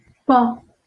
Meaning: 1. weather 2. wind
- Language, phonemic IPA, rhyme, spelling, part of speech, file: Northern Kurdish, /bɑː/, -ɑː, ba, noun, LL-Q36368 (kur)-ba.wav